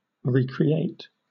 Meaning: Alternative form of re-create
- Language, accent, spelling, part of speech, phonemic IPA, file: English, Southern England, recreate, verb, /ɹiː.kɹiˈeɪt/, LL-Q1860 (eng)-recreate.wav